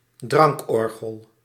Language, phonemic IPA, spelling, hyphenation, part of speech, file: Dutch, /ˈdrɑŋkˌɔrɣəl/, drankorgel, drank‧or‧gel, noun, Nl-drankorgel.ogg
- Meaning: boozer, lush, someone who is constantly drunk